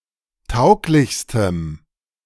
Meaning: strong dative masculine/neuter singular superlative degree of tauglich
- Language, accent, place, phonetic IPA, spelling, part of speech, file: German, Germany, Berlin, [ˈtaʊ̯klɪçstəm], tauglichstem, adjective, De-tauglichstem.ogg